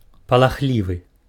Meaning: timid, fearful
- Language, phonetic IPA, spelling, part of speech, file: Belarusian, [paɫaˈxlʲivɨ], палахлівы, adjective, Be-палахлівы.ogg